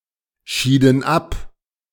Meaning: inflection of abscheiden: 1. first/third-person plural preterite 2. first/third-person plural subjunctive II
- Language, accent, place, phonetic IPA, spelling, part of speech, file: German, Germany, Berlin, [ˌʃiːdn̩ ˈap], schieden ab, verb, De-schieden ab.ogg